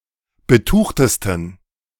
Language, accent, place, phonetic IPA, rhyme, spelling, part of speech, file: German, Germany, Berlin, [bəˈtuːxtəstn̩], -uːxtəstn̩, betuchtesten, adjective, De-betuchtesten.ogg
- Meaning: 1. superlative degree of betucht 2. inflection of betucht: strong genitive masculine/neuter singular superlative degree